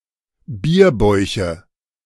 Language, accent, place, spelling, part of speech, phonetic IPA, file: German, Germany, Berlin, Bierbäuche, noun, [ˈbiːɐ̯ˌbɔɪ̯çə], De-Bierbäuche.ogg
- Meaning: nominative/accusative/genitive plural of Bierbauch